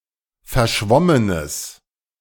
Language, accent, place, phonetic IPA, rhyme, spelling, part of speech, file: German, Germany, Berlin, [fɛɐ̯ˈʃvɔmənəs], -ɔmənəs, verschwommenes, adjective, De-verschwommenes.ogg
- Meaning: strong/mixed nominative/accusative neuter singular of verschwommen